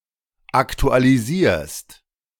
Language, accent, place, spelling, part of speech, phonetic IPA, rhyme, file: German, Germany, Berlin, aktualisierst, verb, [ˌaktualiˈziːɐ̯st], -iːɐ̯st, De-aktualisierst.ogg
- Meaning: second-person singular present of aktualisieren